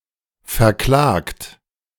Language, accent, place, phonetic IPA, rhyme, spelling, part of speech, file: German, Germany, Berlin, [fɛɐ̯ˈklaːkt], -aːkt, verklagt, verb, De-verklagt.ogg
- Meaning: 1. past participle of verklagen 2. inflection of verklagen: second-person plural present 3. inflection of verklagen: third-person singular present 4. inflection of verklagen: plural imperative